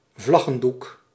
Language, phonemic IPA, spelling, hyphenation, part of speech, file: Dutch, /ˈvlɑ.ɣə(n)ˌduk/, vlaggendoek, vlag‧gen‧doek, noun, Nl-vlaggendoek.ogg
- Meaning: 1. the type of cloth from which flags are made 2. a piece of such cloth